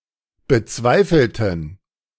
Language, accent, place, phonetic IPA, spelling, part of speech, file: German, Germany, Berlin, [bəˈt͡svaɪ̯fl̩tn̩], bezweifelten, adjective / verb, De-bezweifelten.ogg
- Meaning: inflection of bezweifeln: 1. first/third-person plural preterite 2. first/third-person plural subjunctive II